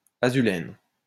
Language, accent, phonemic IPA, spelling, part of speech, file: French, France, /a.zy.lɛn/, azulène, noun, LL-Q150 (fra)-azulène.wav
- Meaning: azulene